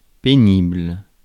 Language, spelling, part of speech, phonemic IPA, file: French, pénible, adjective, /pe.nibl/, Fr-pénible.ogg
- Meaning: 1. painful, hard, displeasing 2. annoying